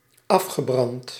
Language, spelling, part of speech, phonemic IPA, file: Dutch, afgebrand, verb, /ˈɑfxɛˌbrɑnt/, Nl-afgebrand.ogg
- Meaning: past participle of afbranden